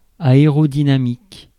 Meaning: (adjective) aerodynamic; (noun) aerodynamics (the science of the dynamics of bodies moving relative to gases)
- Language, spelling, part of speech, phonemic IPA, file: French, aérodynamique, adjective / noun, /a.e.ʁɔ.di.na.mik/, Fr-aérodynamique.ogg